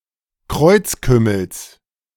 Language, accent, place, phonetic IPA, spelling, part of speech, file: German, Germany, Berlin, [ˈkʁɔɪ̯t͡sˌkʏml̩s], Kreuzkümmels, noun, De-Kreuzkümmels.ogg
- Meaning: genitive of Kreuzkümmel